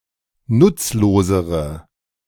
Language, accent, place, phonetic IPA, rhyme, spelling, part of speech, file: German, Germany, Berlin, [ˈnʊt͡sloːzəʁə], -ʊt͡sloːzəʁə, nutzlosere, adjective, De-nutzlosere.ogg
- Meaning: inflection of nutzlos: 1. strong/mixed nominative/accusative feminine singular comparative degree 2. strong nominative/accusative plural comparative degree